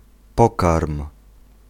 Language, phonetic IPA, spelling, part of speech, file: Polish, [ˈpɔkarm], pokarm, noun / verb, Pl-pokarm.ogg